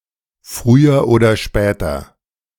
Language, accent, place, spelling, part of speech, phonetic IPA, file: German, Germany, Berlin, früher oder später, phrase, [ˈfʁyːɐ ̩ˌoːdɐ ˈʃpɛːtɐ], De-früher oder später.ogg
- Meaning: sooner or later